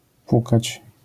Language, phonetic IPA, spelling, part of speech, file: Polish, [ˈpukat͡ɕ], pukać, verb, LL-Q809 (pol)-pukać.wav